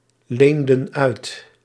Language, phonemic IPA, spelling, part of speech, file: Dutch, /ˈlendə(n) ˈœyt/, leenden uit, verb, Nl-leenden uit.ogg
- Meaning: inflection of uitlenen: 1. plural past indicative 2. plural past subjunctive